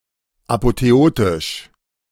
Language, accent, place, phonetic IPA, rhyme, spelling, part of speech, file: German, Germany, Berlin, [apoteˈoːtɪʃ], -oːtɪʃ, apotheotisch, adjective, De-apotheotisch.ogg
- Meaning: apotheotic